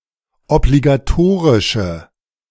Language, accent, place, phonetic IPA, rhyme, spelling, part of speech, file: German, Germany, Berlin, [ɔbliɡaˈtoːʁɪʃə], -oːʁɪʃə, obligatorische, adjective, De-obligatorische.ogg
- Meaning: inflection of obligatorisch: 1. strong/mixed nominative/accusative feminine singular 2. strong nominative/accusative plural 3. weak nominative all-gender singular